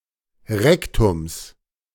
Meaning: genitive singular of Rektum
- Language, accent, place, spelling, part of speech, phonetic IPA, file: German, Germany, Berlin, Rektums, noun, [ˈʁɛktʊms], De-Rektums.ogg